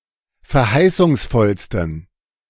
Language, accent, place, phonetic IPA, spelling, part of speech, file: German, Germany, Berlin, [fɛɐ̯ˈhaɪ̯sʊŋsˌfɔlstn̩], verheißungsvollsten, adjective, De-verheißungsvollsten.ogg
- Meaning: 1. superlative degree of verheißungsvoll 2. inflection of verheißungsvoll: strong genitive masculine/neuter singular superlative degree